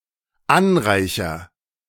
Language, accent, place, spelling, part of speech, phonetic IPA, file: German, Germany, Berlin, anreicher, verb, [ˈanˌʁaɪ̯çɐ], De-anreicher.ogg
- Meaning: first-person singular dependent present of anreichern